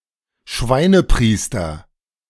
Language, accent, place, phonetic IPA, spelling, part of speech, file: German, Germany, Berlin, [ˈʃvaɪ̯nəˌpʁiːstɐ], Schweinepriester, noun, De-Schweinepriester.ogg
- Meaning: son of a bitch